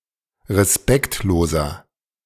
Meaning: 1. comparative degree of respektlos 2. inflection of respektlos: strong/mixed nominative masculine singular 3. inflection of respektlos: strong genitive/dative feminine singular
- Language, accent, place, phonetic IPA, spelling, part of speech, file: German, Germany, Berlin, [ʁeˈspɛktloːzɐ], respektloser, adjective, De-respektloser.ogg